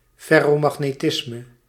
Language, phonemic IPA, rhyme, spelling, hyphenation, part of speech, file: Dutch, /ˌfɛ.roː.mɑx.neːˈtɪs.mə/, -ɪsmə, ferromagnetisme, fer‧ro‧mag‧ne‧tis‧me, noun, Nl-ferromagnetisme.ogg
- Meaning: ferromagnetism